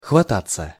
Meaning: 1. to snatch (at), to grip, to pluck (at), to catch (at) 2. to take up 3. passive of хвата́ть (xvatátʹ)
- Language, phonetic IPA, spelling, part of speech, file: Russian, [xvɐˈtat͡sːə], хвататься, verb, Ru-хвататься.ogg